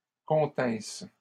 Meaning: third-person plural imperfect subjunctive of contenir
- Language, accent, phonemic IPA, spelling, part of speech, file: French, Canada, /kɔ̃.tɛ̃s/, continssent, verb, LL-Q150 (fra)-continssent.wav